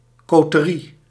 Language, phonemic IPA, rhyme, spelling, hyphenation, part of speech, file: Dutch, /ˌkoː.təˈri/, -i, coterie, co‧te‧rie, noun, Nl-coterie.ogg
- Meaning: coterie, clique (exclusive circle of associates)